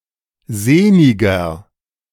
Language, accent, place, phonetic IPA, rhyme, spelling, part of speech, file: German, Germany, Berlin, [ˈzeːnɪɡɐ], -eːnɪɡɐ, sehniger, adjective, De-sehniger.ogg
- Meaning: 1. comparative degree of sehnig 2. inflection of sehnig: strong/mixed nominative masculine singular 3. inflection of sehnig: strong genitive/dative feminine singular